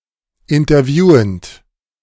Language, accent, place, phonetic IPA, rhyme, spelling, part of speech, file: German, Germany, Berlin, [ɪntɐˈvjuːənt], -uːənt, interviewend, verb, De-interviewend.ogg
- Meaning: present participle of interviewen